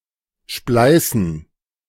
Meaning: 1. to split 2. to splice (unite ropes or cables by interweaving the strands)
- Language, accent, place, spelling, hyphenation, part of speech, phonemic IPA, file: German, Germany, Berlin, spleißen, splei‧ßen, verb, /ˈʃplaɪ̯sən/, De-spleißen.ogg